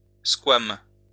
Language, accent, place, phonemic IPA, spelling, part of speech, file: French, France, Lyon, /skwam/, squame, noun, LL-Q150 (fra)-squame.wav
- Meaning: scale